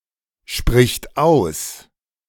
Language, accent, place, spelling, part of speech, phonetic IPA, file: German, Germany, Berlin, spricht aus, verb, [ˌʃpʁɪçt ˈaʊ̯s], De-spricht aus.ogg
- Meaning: third-person singular present of aussprechen